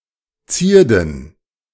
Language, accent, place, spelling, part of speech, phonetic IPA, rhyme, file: German, Germany, Berlin, Zierden, proper noun / noun, [ˈt͡siːɐ̯dn̩], -iːɐ̯dn̩, De-Zierden.ogg
- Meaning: plural of Zierde